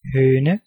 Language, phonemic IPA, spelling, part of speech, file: Danish, /hœːnə/, høne, noun, Da-høne.ogg
- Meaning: 1. hen 2. chicken (as a food) 3. chicken, (Gallus)